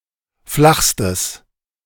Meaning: strong/mixed nominative/accusative neuter singular superlative degree of flach
- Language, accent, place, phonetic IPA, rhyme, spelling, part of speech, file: German, Germany, Berlin, [ˈflaxstəs], -axstəs, flachstes, adjective, De-flachstes.ogg